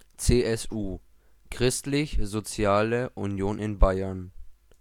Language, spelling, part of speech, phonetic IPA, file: German, CSU, abbreviation, [tseːʔɛsˈʔuː], De-CSU.ogg
- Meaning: CSU: initialism of Christlich-Soziale Union (“Christian Social Union”) (a political party of Bavaria)